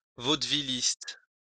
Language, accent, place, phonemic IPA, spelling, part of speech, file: French, France, Lyon, /vod.vi.list/, vaudevilliste, noun, LL-Q150 (fra)-vaudevilliste.wav
- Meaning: a vaudeville artist